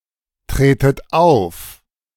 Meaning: inflection of auftreten: 1. second-person plural present 2. second-person plural subjunctive I 3. plural imperative
- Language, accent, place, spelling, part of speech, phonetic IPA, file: German, Germany, Berlin, tretet auf, verb, [ˌtʁeːtət ˈaʊ̯f], De-tretet auf.ogg